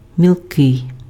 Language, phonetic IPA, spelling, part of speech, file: Ukrainian, [mʲiɫˈkɪi̯], мілкий, adjective, Uk-мілкий.ogg
- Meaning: shallow (water; pan)